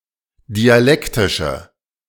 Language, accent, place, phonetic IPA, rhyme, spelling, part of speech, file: German, Germany, Berlin, [diaˈlɛktɪʃə], -ɛktɪʃə, dialektische, adjective, De-dialektische.ogg
- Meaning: inflection of dialektisch: 1. strong/mixed nominative/accusative feminine singular 2. strong nominative/accusative plural 3. weak nominative all-gender singular